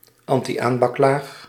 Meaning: nonstick layers in frying pans
- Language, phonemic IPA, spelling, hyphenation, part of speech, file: Dutch, /ɑn.tiˈaːn.bɑkˌlaːx/, antiaanbaklaag, an‧ti‧aan‧bak‧laag, noun, Nl-antiaanbaklaag.ogg